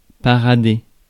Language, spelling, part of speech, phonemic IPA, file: French, parader, verb, /pa.ʁa.de/, Fr-parader.ogg
- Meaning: flaunt, strut, show off (to display with ostentation)